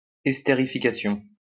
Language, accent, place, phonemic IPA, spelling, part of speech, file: French, France, Lyon, /ɛs.te.ʁi.fi.ka.sjɔ̃/, estérification, noun, LL-Q150 (fra)-estérification.wav
- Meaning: esterification